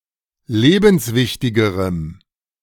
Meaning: strong dative masculine/neuter singular comparative degree of lebenswichtig
- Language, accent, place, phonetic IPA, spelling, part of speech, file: German, Germany, Berlin, [ˈleːbn̩sˌvɪçtɪɡəʁəm], lebenswichtigerem, adjective, De-lebenswichtigerem.ogg